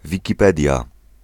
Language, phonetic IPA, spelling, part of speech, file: Polish, [ˌvʲiciˈpɛdʲja], Wikipedia, proper noun, Pl-Wikipedia.ogg